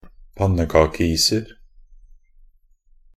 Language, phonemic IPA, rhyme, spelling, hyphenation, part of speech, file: Norwegian Bokmål, /ˈpanːəkɑːkəiːsər/, -ər, pannekakeiser, pan‧ne‧ka‧ke‧is‧er, noun, Nb-pannekakeiser.ogg
- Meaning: indefinite plural of pannekakeis